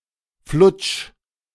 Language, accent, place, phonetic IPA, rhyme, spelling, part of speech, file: German, Germany, Berlin, [flʊt͡ʃ], -ʊt͡ʃ, flutsch, verb, De-flutsch.ogg
- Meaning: 1. singular imperative of flutschen 2. first-person singular present of flutschen